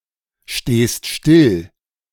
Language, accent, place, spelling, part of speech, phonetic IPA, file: German, Germany, Berlin, stehst still, verb, [ˌʃteːst ˈʃtɪl], De-stehst still.ogg
- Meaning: second-person singular present of stillstehen